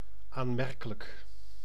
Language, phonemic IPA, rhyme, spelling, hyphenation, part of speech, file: Dutch, /ˌaː(n)ˈmɛr.kə.lək/, -ɛrkələk, aanmerkelijk, aan‧mer‧ke‧lijk, adjective, Nl-aanmerkelijk.ogg
- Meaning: considerable